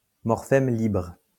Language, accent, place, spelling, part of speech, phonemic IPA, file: French, France, Lyon, morphème libre, noun, /mɔʁ.fɛm libʁ/, LL-Q150 (fra)-morphème libre.wav
- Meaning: free morpheme